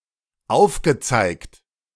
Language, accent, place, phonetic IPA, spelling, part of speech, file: German, Germany, Berlin, [ˈaʊ̯fɡəˌt͡saɪ̯kt], aufgezeigt, verb, De-aufgezeigt.ogg
- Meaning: past participle of aufzeigen